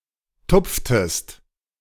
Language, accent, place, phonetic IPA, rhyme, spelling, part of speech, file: German, Germany, Berlin, [ˈtʊp͡ftəst], -ʊp͡ftəst, tupftest, verb, De-tupftest.ogg
- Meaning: inflection of tupfen: 1. second-person singular preterite 2. second-person singular subjunctive II